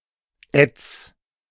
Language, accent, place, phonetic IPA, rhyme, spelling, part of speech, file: German, Germany, Berlin, [ɛt͡s], -ɛt͡s, ätz, verb, De-ätz.ogg
- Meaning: 1. singular imperative of ätzen 2. first-person singular present of ätzen